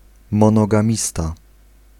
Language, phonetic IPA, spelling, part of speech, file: Polish, [ˌmɔ̃nɔɡãˈmʲista], monogamista, noun, Pl-monogamista.ogg